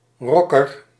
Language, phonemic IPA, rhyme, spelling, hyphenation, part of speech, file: Dutch, /ˈrɔ.kər/, -ɔkər, rocker, roc‧ker, noun, Nl-rocker.ogg
- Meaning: 1. a rocker (rock musician or rock fan) 2. a rocker (rock song)